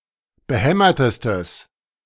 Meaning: strong/mixed nominative/accusative neuter singular superlative degree of behämmert
- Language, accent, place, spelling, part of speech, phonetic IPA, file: German, Germany, Berlin, behämmertestes, adjective, [bəˈhɛmɐtəstəs], De-behämmertestes.ogg